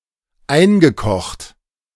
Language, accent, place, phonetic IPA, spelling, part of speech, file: German, Germany, Berlin, [ˈaɪ̯nɡəˌkɔxt], eingekocht, verb, De-eingekocht.ogg
- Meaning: past participle of einkochen